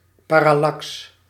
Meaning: parallax
- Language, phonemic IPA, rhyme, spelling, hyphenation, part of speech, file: Dutch, /ˌpaː.rɑˈlɑks/, -ɑks, parallax, pa‧ral‧lax, noun, Nl-parallax.ogg